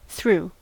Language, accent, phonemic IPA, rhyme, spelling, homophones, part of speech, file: English, US, /θɹu/, -uː, threw, through, verb, En-us-threw.ogg
- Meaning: 1. simple past of throw 2. past participle of throw